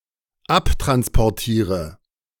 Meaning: inflection of abtransportieren: 1. first-person singular dependent present 2. first/third-person singular dependent subjunctive I
- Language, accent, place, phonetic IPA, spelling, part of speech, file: German, Germany, Berlin, [ˈaptʁanspɔʁˌtiːʁə], abtransportiere, verb, De-abtransportiere.ogg